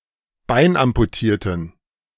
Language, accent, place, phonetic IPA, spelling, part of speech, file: German, Germany, Berlin, [ˈbaɪ̯nʔampuˌtiːɐ̯tn̩], beinamputierten, adjective, De-beinamputierten.ogg
- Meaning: inflection of beinamputiert: 1. strong genitive masculine/neuter singular 2. weak/mixed genitive/dative all-gender singular 3. strong/weak/mixed accusative masculine singular 4. strong dative plural